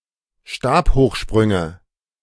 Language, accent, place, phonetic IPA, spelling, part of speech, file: German, Germany, Berlin, [ˈʃtaːphoːxˌʃpʁʏŋə], Stabhochsprünge, noun, De-Stabhochsprünge.ogg
- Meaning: nominative/accusative/genitive plural of Stabhochsprung